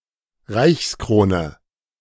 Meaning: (noun) an imperial crown; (proper noun) the Imperial Crown of the Holy Roman Empire
- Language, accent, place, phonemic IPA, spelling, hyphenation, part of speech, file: German, Germany, Berlin, /ˈʁaɪ̯çsˌkʁoːnə/, Reichskrone, Reichs‧kro‧ne, noun / proper noun, De-Reichskrone.ogg